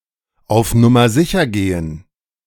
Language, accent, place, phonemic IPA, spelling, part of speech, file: German, Germany, Berlin, /aʊ̯f ˈnʊmɐ ˈzɪçɐ ˈɡeːən/, auf Nummer sicher gehen, verb, De-auf Nummer sicher gehen.ogg
- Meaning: to play it safe